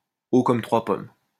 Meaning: very short; knee-high to a grasshopper
- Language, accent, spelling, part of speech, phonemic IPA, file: French, France, haut comme trois pommes, adjective, /o kɔm tʁwa pɔm/, LL-Q150 (fra)-haut comme trois pommes.wav